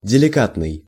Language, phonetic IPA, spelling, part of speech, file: Russian, [dʲɪlʲɪˈkatnɨj], деликатный, adjective, Ru-деликатный.ogg
- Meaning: 1. polite, considerate, tactful 2. delicate (of a subject) 3. delicate, fragile